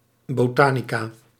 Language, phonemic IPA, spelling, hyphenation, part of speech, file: Dutch, /boːˈtaː.ni.kaː/, botanica, bo‧ta‧ni‧ca, noun, Nl-botanica.ogg
- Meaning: 1. botany 2. female equivalent of botanicus